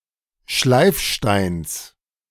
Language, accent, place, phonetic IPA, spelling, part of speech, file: German, Germany, Berlin, [ˈʃlaɪ̯fˌʃtaɪ̯ns], Schleifsteins, noun, De-Schleifsteins.ogg
- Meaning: genitive singular of Schleifstein